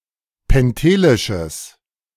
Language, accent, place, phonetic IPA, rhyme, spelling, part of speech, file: German, Germany, Berlin, [pɛnˈteːlɪʃəs], -eːlɪʃəs, pentelisches, adjective, De-pentelisches.ogg
- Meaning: strong/mixed nominative/accusative neuter singular of pentelisch